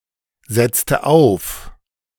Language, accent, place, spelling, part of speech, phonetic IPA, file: German, Germany, Berlin, setzte auf, verb, [ˌzɛt͡stə ˈaʊ̯f], De-setzte auf.ogg
- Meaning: inflection of aufsetzen: 1. first/third-person singular preterite 2. first/third-person singular subjunctive II